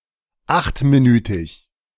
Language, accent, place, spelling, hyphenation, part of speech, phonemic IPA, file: German, Germany, Berlin, achtminütig, acht‧mi‧nü‧tig, adjective, /ˈaxtmiˌnyːtɪç/, De-achtminütig.ogg
- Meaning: eight-minute